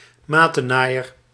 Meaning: someone who betrays a friend, a backstabber
- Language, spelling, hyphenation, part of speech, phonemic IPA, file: Dutch, matennaaier, ma‧ten‧naai‧er, noun, /ˈmaː.təˌnaː.jər/, Nl-matennaaier.ogg